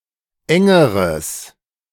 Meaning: strong/mixed nominative/accusative neuter singular comparative degree of eng
- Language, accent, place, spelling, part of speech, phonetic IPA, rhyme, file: German, Germany, Berlin, engeres, adjective, [ˈɛŋəʁəs], -ɛŋəʁəs, De-engeres.ogg